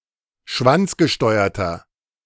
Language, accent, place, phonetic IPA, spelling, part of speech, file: German, Germany, Berlin, [ˈʃvant͡sɡəˌʃtɔɪ̯ɐtɐ], schwanzgesteuerter, adjective, De-schwanzgesteuerter.ogg
- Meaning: inflection of schwanzgesteuert: 1. strong/mixed nominative masculine singular 2. strong genitive/dative feminine singular 3. strong genitive plural